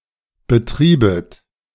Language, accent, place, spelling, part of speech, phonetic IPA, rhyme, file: German, Germany, Berlin, betriebet, verb, [bəˈtʁiːbət], -iːbət, De-betriebet.ogg
- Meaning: second-person plural subjunctive II of betreiben